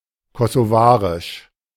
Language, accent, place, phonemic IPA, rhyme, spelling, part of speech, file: German, Germany, Berlin, /kɔsoˈvaːʁɪʃ/, -aːʁɪʃ, kosovarisch, adjective, De-kosovarisch.ogg
- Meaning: of Kosovo; Kosovar